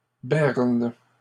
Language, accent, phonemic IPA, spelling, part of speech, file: French, Canada, /bɛʁn/, bernes, verb, LL-Q150 (fra)-bernes.wav
- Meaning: second-person singular present indicative/subjunctive of berner